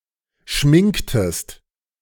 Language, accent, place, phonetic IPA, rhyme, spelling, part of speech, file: German, Germany, Berlin, [ˈʃmɪŋktəst], -ɪŋktəst, schminktest, verb, De-schminktest.ogg
- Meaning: inflection of schminken: 1. second-person singular preterite 2. second-person singular subjunctive II